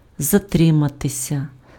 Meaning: 1. to linger 2. to stay too long 3. to be late, to be delayed, to lag 4. passive of затри́мати pf (zatrýmaty)
- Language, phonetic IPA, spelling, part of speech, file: Ukrainian, [zɐˈtrɪmɐtesʲɐ], затриматися, verb, Uk-затриматися.ogg